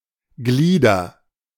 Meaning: nominative/accusative/genitive plural of Glied
- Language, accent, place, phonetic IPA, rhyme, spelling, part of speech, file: German, Germany, Berlin, [ˈɡliːdɐ], -iːdɐ, Glieder, noun, De-Glieder.ogg